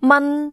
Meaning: 1. Jyutping transcription of 伩 2. Jyutping transcription of 蚊
- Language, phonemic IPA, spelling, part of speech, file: Cantonese, /mɐn˥/, man1, romanization, Yue-man1.ogg